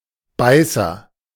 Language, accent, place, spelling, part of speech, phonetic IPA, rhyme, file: German, Germany, Berlin, Beißer, noun, [ˈbaɪ̯sɐ], -aɪ̯sɐ, De-Beißer.ogg
- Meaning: 1. biter: snappy, bitey animal, especially a dog 2. tooth 3. crowbar